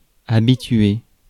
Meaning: 1. to get someone in the habit (of) 2. to settle 3. to get used to something
- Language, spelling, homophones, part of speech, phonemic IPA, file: French, habituer, habituai / habitué / habituée / habituées / habitués / habituez, verb, /a.bi.tɥe/, Fr-habituer.ogg